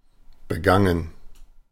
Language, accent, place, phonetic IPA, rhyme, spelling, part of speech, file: German, Germany, Berlin, [bəˈɡaŋən], -aŋən, begangen, verb, De-begangen.ogg
- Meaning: past participle of begehen